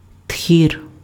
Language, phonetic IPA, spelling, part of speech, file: Ukrainian, [tʲxʲir], тхір, noun, Uk-тхір.ogg
- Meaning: 1. polecat 2. ferret